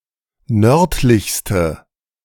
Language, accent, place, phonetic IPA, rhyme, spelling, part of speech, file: German, Germany, Berlin, [ˈnœʁtlɪçstə], -œʁtlɪçstə, nördlichste, adjective, De-nördlichste.ogg
- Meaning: inflection of nördlich: 1. strong/mixed nominative/accusative feminine singular superlative degree 2. strong nominative/accusative plural superlative degree